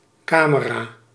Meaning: camera
- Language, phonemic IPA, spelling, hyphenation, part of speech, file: Dutch, /ˈkaː.mə.raː/, camera, ca‧me‧ra, noun, Nl-camera.ogg